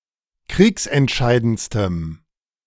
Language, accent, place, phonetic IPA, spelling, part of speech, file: German, Germany, Berlin, [ˈkʁiːksɛntˌʃaɪ̯dənt͡stəm], kriegsentscheidendstem, adjective, De-kriegsentscheidendstem.ogg
- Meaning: strong dative masculine/neuter singular superlative degree of kriegsentscheidend